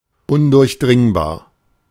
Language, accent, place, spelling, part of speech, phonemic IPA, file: German, Germany, Berlin, undurchdringbar, adjective, /ʊndʊʁçˈdrɪŋbaːɐ̯/, De-undurchdringbar.ogg
- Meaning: impenetrable, impermeable, impassable, inaccessible